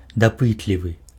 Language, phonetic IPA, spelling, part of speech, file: Belarusian, [daˈpɨtlʲivɨ], дапытлівы, adjective, Be-дапытлівы.ogg
- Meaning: curious